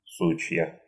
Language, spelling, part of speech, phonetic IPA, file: Russian, сучья, noun, [ˈsut͡ɕjə], Ru-су́чья.ogg
- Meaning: nominative/accusative plural of сук (suk)